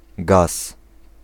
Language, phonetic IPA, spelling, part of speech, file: Polish, [ɡas], gaz, noun, Pl-gaz.ogg